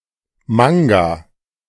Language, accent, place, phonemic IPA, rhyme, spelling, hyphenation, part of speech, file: German, Germany, Berlin, /ˈmaŋ.ɡa/, -aŋɡa, Manga, Man‧ga, noun, De-Manga.ogg
- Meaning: manga (comic originating in Japan)